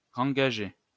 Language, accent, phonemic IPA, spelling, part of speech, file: French, France, /ʁɑ̃.ɡa.ʒe/, rengager, verb, LL-Q150 (fra)-rengager.wav
- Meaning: to reengage